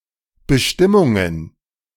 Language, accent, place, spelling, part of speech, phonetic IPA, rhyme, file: German, Germany, Berlin, Bestimmungen, noun, [bəˈʃtɪmʊŋən], -ɪmʊŋən, De-Bestimmungen.ogg
- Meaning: plural of Bestimmung